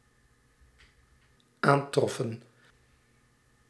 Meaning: inflection of aantreffen: 1. plural dependent-clause past indicative 2. plural dependent-clause past subjunctive
- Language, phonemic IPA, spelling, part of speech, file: Dutch, /ˈantrɔfə(n)/, aantroffen, verb, Nl-aantroffen.ogg